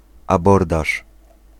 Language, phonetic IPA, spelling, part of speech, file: Polish, [aˈbɔrdaʃ], abordaż, noun, Pl-abordaż.ogg